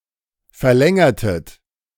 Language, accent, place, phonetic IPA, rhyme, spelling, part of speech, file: German, Germany, Berlin, [fɛɐ̯ˈlɛŋɐtət], -ɛŋɐtət, verlängertet, verb, De-verlängertet.ogg
- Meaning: inflection of verlängern: 1. second-person plural preterite 2. second-person plural subjunctive II